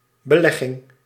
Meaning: investment
- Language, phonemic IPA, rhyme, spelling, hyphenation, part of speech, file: Dutch, /bəˈlɛ.ɣɪŋ/, -ɛɣɪŋ, belegging, be‧leg‧ging, noun, Nl-belegging.ogg